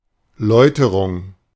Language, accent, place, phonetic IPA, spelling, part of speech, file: German, Germany, Berlin, [ˈlɔɪ̯təʁʊŋ], Läuterung, noun, De-Läuterung.ogg
- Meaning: 1. catharsis 2. refinement, purification